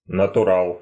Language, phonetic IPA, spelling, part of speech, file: Russian, [nətʊˈraɫ], натурал, noun, Ru-натурал.ogg
- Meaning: 1. heterosexual (a heterosexual person) 2. natty (someone who has not enhanced his gains by use of anabolic steroids)